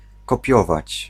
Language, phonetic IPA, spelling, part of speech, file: Polish, [kɔˈpʲjɔvat͡ɕ], kopiować, verb, Pl-kopiować.ogg